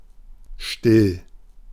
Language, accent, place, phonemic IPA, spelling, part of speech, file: German, Germany, Berlin, /ʃtɪl/, still, adjective / adverb, De-still.ogg
- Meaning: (adjective) 1. quiet, silent 2. without carbonation, flat; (adverb) quietly, silently